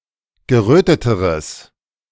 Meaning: strong/mixed nominative/accusative neuter singular comparative degree of gerötet
- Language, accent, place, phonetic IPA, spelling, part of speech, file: German, Germany, Berlin, [ɡəˈʁøːtətəʁəs], geröteteres, adjective, De-geröteteres.ogg